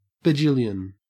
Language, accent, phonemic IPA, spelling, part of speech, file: English, Australia, /bəˈd͡ʒɪljən/, bajillion, noun, En-au-bajillion.ogg
- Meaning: An unspecified, absurdly large number (of)